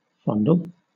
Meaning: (verb) 1. To touch or stroke lovingly 2. To grasp; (noun) A caress
- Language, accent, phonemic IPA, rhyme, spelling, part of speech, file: English, Southern England, /ˈfɒndəl/, -ɒndəl, fondle, verb / noun, LL-Q1860 (eng)-fondle.wav